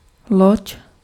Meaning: 1. ship 2. vessel
- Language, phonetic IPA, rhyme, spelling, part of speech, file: Czech, [ˈloc], -oc, loď, noun, Cs-loď.ogg